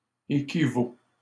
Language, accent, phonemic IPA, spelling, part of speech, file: French, Canada, /e.ki.vo/, équivaux, verb, LL-Q150 (fra)-équivaux.wav
- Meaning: 1. first/second-person singular present indicative of équivaloir 2. second-person singular present imperative of équivaloir